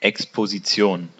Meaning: 1. exposition (action of putting something out to public view) 2. exposition 3. exposition; exhibition
- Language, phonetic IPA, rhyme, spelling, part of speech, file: German, [ɛkspoziˈt͡si̯oːn], -oːn, Exposition, noun, De-Exposition.ogg